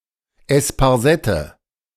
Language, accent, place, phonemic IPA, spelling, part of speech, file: German, Germany, Berlin, /ˌɛspaʁˈzɛtə/, Esparsette, noun, De-Esparsette.ogg
- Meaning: sainfoin